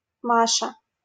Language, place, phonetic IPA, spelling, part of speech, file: Russian, Saint Petersburg, [ˈmaʂə], Маша, proper noun, LL-Q7737 (rus)-Маша.wav
- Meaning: a diminutive, Masha, of the female given names Мари́я (Maríja) and Ма́рья (Márʹja)